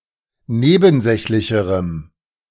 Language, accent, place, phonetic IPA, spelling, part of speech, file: German, Germany, Berlin, [ˈneːbn̩ˌzɛçlɪçəʁəm], nebensächlicherem, adjective, De-nebensächlicherem.ogg
- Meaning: strong dative masculine/neuter singular comparative degree of nebensächlich